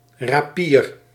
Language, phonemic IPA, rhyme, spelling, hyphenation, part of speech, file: Dutch, /raːˈpiːr/, -iːr, rapier, ra‧pier, noun, Nl-rapier.ogg
- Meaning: rapier